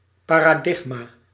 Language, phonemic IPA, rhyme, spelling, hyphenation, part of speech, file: Dutch, /ˌpaː.raːˈdɪx.maː/, -ɪxmaː, paradigma, pa‧ra‧dig‧ma, noun, Nl-paradigma.ogg
- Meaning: 1. paradigm (canonical or exhaustive set of inflected forms; set of forms with a common element) 2. paradigm (framework of concept, practices and theories; exemplar of academic behaviour)